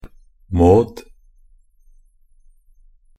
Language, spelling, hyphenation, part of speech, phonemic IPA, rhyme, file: Norwegian Bokmål, mode, mode, adverb, /mɔːd/, -ɔːd, NB - Pronunciation of Norwegian Bokmål «mode».ogg
- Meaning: 1. only used in à la mode (“a la mode”) 2. only used in a la mode (“a la mode”)